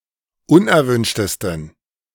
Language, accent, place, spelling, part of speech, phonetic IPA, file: German, Germany, Berlin, unerwünschtesten, adjective, [ˈʊnʔɛɐ̯ˌvʏnʃtəstn̩], De-unerwünschtesten.ogg
- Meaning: 1. superlative degree of unerwünscht 2. inflection of unerwünscht: strong genitive masculine/neuter singular superlative degree